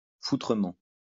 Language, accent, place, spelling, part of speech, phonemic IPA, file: French, France, Lyon, foutrement, adverb, /fu.tʁə.mɑ̃/, LL-Q150 (fra)-foutrement.wav
- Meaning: bloody, fucking